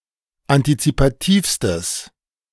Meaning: strong/mixed nominative/accusative neuter singular superlative degree of antizipativ
- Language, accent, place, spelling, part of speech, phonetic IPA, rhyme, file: German, Germany, Berlin, antizipativstes, adjective, [antit͡sipaˈtiːfstəs], -iːfstəs, De-antizipativstes.ogg